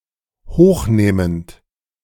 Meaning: present participle of hochnehmen
- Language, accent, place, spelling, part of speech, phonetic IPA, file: German, Germany, Berlin, hochnehmend, verb, [ˈhoːxˌneːmənt], De-hochnehmend.ogg